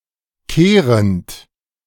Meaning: present participle of kehren
- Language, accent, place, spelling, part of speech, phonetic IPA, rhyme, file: German, Germany, Berlin, kehrend, verb, [ˈkeːʁənt], -eːʁənt, De-kehrend.ogg